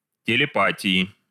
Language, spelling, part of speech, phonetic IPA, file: Russian, телепатии, noun, [tʲɪlʲɪˈpatʲɪɪ], Ru-телепатии.ogg
- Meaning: inflection of телепа́тия (telepátija): 1. genitive/dative/prepositional singular 2. nominative/accusative plural